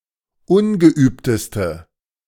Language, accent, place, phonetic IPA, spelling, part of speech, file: German, Germany, Berlin, [ˈʊnɡəˌʔyːptəstə], ungeübteste, adjective, De-ungeübteste.ogg
- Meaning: inflection of ungeübt: 1. strong/mixed nominative/accusative feminine singular superlative degree 2. strong nominative/accusative plural superlative degree